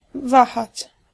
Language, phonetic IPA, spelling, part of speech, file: Polish, [ˈvaxat͡ɕ], wahać, verb, Pl-wahać.ogg